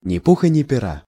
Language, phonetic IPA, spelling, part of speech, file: Russian, [nʲɪ‿ˈpuxə nʲɪ‿pʲɪˈra], ни пуха ни пера, phrase, Ru-ни пуха ни пера.ogg
- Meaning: good luck, break a leg